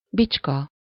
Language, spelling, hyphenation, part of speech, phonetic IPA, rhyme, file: Hungarian, bicska, bics‧ka, noun, [ˈbit͡ʃkɒ], -kɒ, Hu-bicska.ogg
- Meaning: pocketknife, penknife, jack-knife, clasp-knife